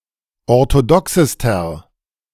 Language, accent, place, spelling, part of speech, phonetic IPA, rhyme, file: German, Germany, Berlin, orthodoxester, adjective, [ɔʁtoˈdɔksəstɐ], -ɔksəstɐ, De-orthodoxester.ogg
- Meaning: inflection of orthodox: 1. strong/mixed nominative masculine singular superlative degree 2. strong genitive/dative feminine singular superlative degree 3. strong genitive plural superlative degree